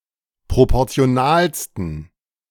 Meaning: 1. superlative degree of proportional 2. inflection of proportional: strong genitive masculine/neuter singular superlative degree
- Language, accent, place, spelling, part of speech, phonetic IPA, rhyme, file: German, Germany, Berlin, proportionalsten, adjective, [ˌpʁopɔʁt͡si̯oˈnaːlstn̩], -aːlstn̩, De-proportionalsten.ogg